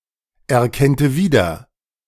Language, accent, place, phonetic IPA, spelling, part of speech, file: German, Germany, Berlin, [ɛɐ̯ˌkɛntə ˈviːdɐ], erkennte wieder, verb, De-erkennte wieder.ogg
- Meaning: first/third-person singular subjunctive II of wiedererkennen